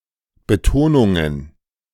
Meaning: plural of Betonung
- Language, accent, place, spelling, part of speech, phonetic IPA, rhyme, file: German, Germany, Berlin, Betonungen, noun, [bəˈtoːnʊŋən], -oːnʊŋən, De-Betonungen.ogg